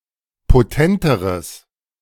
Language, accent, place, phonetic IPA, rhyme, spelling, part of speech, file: German, Germany, Berlin, [poˈtɛntəʁəs], -ɛntəʁəs, potenteres, adjective, De-potenteres.ogg
- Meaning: strong/mixed nominative/accusative neuter singular comparative degree of potent